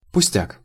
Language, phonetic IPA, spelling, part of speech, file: Russian, [pʊˈsʲtʲak], пустяк, noun, Ru-пустяк.ogg
- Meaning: trifle